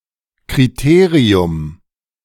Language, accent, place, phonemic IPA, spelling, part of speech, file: German, Germany, Berlin, /kʁiˈteːʁiʊm/, Kriterium, noun, De-Kriterium.ogg
- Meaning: criterion